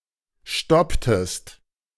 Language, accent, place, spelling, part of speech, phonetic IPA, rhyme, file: German, Germany, Berlin, stopptest, verb, [ˈʃtɔptəst], -ɔptəst, De-stopptest.ogg
- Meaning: inflection of stoppen: 1. second-person singular preterite 2. second-person singular subjunctive II